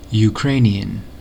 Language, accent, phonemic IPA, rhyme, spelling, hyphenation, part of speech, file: English, General American, /juˈkɹeɪ.ni.ən/, -eɪniən, Ukrainian, Ukrain‧ian, adjective / noun / proper noun, En-us-Ukrainian.ogg
- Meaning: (adjective) Relating to Ukraine or its people or language; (noun) A person from Ukraine or of Ukrainian descent